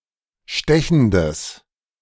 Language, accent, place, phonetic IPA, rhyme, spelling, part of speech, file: German, Germany, Berlin, [ˈʃtɛçn̩dəs], -ɛçn̩dəs, stechendes, adjective, De-stechendes.ogg
- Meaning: strong/mixed nominative/accusative neuter singular of stechend